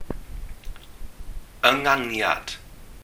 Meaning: pronunciation
- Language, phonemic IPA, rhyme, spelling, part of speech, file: Welsh, /əˈŋanjad/, -anjad, ynganiad, noun, Cy-ynganiad.ogg